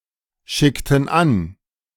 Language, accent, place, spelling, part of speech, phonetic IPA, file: German, Germany, Berlin, schickten an, verb, [ˌʃɪktn̩ ˈan], De-schickten an.ogg
- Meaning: inflection of anschicken: 1. first/third-person plural preterite 2. first/third-person plural subjunctive II